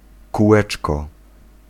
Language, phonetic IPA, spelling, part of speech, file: Polish, [kuˈwɛt͡ʃkɔ], kółeczko, noun, Pl-kółeczko.ogg